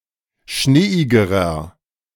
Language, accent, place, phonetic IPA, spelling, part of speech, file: German, Germany, Berlin, [ˈʃneːɪɡəʁɐ], schneeigerer, adjective, De-schneeigerer.ogg
- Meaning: inflection of schneeig: 1. strong/mixed nominative masculine singular comparative degree 2. strong genitive/dative feminine singular comparative degree 3. strong genitive plural comparative degree